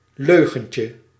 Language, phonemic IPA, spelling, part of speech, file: Dutch, /ˈløɣəɲcə/, leugentje, noun, Nl-leugentje.ogg
- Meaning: diminutive of leugen